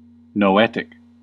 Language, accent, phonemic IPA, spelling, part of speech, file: English, US, /noʊˈɛt.ɪk/, noetic, adjective / noun, En-us-noetic.ogg
- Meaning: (adjective) 1. Of or pertaining to the mind or intellect 2. Originating in or apprehended by reason; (noun) 1. The science of the intellect 2. A purely intellectual entity